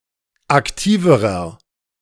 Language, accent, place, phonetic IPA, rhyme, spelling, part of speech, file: German, Germany, Berlin, [akˈtiːvəʁɐ], -iːvəʁɐ, aktiverer, adjective, De-aktiverer.ogg
- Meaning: inflection of aktiv: 1. strong/mixed nominative masculine singular comparative degree 2. strong genitive/dative feminine singular comparative degree 3. strong genitive plural comparative degree